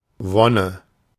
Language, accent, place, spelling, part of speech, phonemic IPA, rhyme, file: German, Germany, Berlin, Wonne, noun, /ˈvɔnə/, -ɔnə, De-Wonne.ogg
- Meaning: 1. bliss, joy; delight 2. lust